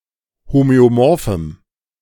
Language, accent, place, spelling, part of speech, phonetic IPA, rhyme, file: German, Germany, Berlin, homöomorphem, adjective, [ˌhomøoˈmɔʁfm̩], -ɔʁfm̩, De-homöomorphem.ogg
- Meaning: strong dative masculine/neuter singular of homöomorph